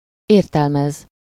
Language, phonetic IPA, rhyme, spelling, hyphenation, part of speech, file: Hungarian, [ˈeːrtɛlmɛz], -ɛz, értelmez, ér‧tel‧mez, verb, Hu-értelmez.ogg
- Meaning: to construe (to interpret or explain the meaning of something)